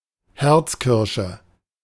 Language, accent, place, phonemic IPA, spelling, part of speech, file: German, Germany, Berlin, /ˈhɛʁt͡sˌkɪʁʃə/, Herzkirsche, noun, De-Herzkirsche.ogg
- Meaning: heart cherry, a sweet cherry cultivar (Prunus avium subsp. juliana)